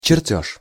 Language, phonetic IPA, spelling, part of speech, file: Russian, [t͡ɕɪrˈtʲɵʂ], чертёж, noun, Ru-чертёж.ogg
- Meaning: draft, scheme, plan, diagram